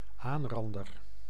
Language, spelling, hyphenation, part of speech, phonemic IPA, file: Dutch, aanrander, aan‧ran‧der, noun, /ˈaːnˌrɑn.dər/, Nl-aanrander.ogg
- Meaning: assailant